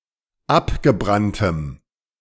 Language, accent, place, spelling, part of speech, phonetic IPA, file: German, Germany, Berlin, abgebranntem, adjective, [ˈapɡəˌbʁantəm], De-abgebranntem.ogg
- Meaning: strong dative masculine/neuter singular of abgebrannt